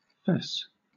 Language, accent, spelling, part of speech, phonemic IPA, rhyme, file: English, Southern England, fess, verb / noun / adjective, /fɛs/, -ɛs, LL-Q1860 (eng)-fess.wav
- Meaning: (verb) To confess; to admit; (noun) A horizontal band across the middle of the shield; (adjective) 1. Proud; conceited 2. Lively; active; strong 3. Of animals, bad-tempered, fierce